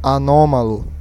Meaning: Brazilian Portuguese standard spelling of anómalo (“anomalous”)
- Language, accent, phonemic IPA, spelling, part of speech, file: Portuguese, Brazil, /aˈnõ.ma.lu/, anômalo, adjective, Pt-br-anômalo.ogg